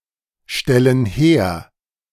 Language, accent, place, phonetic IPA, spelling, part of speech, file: German, Germany, Berlin, [ˌʃtɛlən ˈheːɐ̯], stellen her, verb, De-stellen her.ogg
- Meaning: inflection of herstellen: 1. first/third-person plural present 2. first/third-person plural subjunctive I